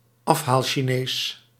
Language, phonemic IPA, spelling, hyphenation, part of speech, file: Dutch, /ˈɑf.ɦaːl.ʃiːˌneːs/, afhaalchinees, af‧haal‧chi‧nees, noun, Nl-afhaalchinees.ogg
- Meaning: Chinese takeaway (restaurant) (in practice usually a Chinese-Indonesian restaurant)